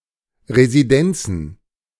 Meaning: plural of Residenz
- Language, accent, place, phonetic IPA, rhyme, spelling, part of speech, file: German, Germany, Berlin, [ʁeziˈdɛnt͡sn̩], -ɛnt͡sn̩, Residenzen, noun, De-Residenzen.ogg